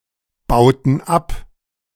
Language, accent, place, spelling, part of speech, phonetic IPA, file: German, Germany, Berlin, bauten ab, verb, [ˌbaʊ̯tn̩ ˈap], De-bauten ab.ogg
- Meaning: inflection of abbauen: 1. first/third-person plural preterite 2. first/third-person plural subjunctive II